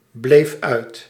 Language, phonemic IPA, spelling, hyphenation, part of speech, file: Dutch, /ˌbleːf ˈœy̯t/, bleef uit, bleef uit, verb, Nl-bleef uit.ogg
- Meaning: singular past indicative of uitblijven